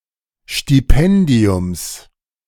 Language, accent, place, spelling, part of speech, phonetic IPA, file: German, Germany, Berlin, Stipendiums, noun, [ˌʃtiˈpɛndi̯ʊms], De-Stipendiums.ogg
- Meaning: genitive singular of Stipendium